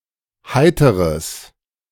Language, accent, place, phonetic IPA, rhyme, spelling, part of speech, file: German, Germany, Berlin, [ˈhaɪ̯təʁəs], -aɪ̯təʁəs, heiteres, adjective, De-heiteres.ogg
- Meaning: strong/mixed nominative/accusative neuter singular of heiter